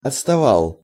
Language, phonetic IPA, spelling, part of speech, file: Russian, [ɐt͡sstɐˈvaɫ], отставал, verb, Ru-отставал.ogg
- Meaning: masculine singular past indicative imperfective of отстава́ть (otstavátʹ)